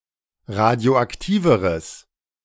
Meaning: strong/mixed nominative/accusative neuter singular comparative degree of radioaktiv
- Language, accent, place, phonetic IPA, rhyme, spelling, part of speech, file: German, Germany, Berlin, [ˌʁadi̯oʔakˈtiːvəʁəs], -iːvəʁəs, radioaktiveres, adjective, De-radioaktiveres.ogg